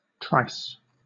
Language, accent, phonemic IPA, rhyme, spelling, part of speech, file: English, Southern England, /tɹaɪs/, -aɪs, trice, verb / noun, LL-Q1860 (eng)-trice.wav
- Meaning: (verb) 1. To pull, to pull out or away, to pull sharply 2. To drag or haul, especially with a rope; specifically (nautical) to haul or hoist and tie up by means of a rope